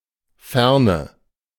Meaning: 1. distance 2. distant lands 3. future, past
- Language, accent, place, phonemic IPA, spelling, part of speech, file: German, Germany, Berlin, /ˈfɛʁnə/, Ferne, noun, De-Ferne.ogg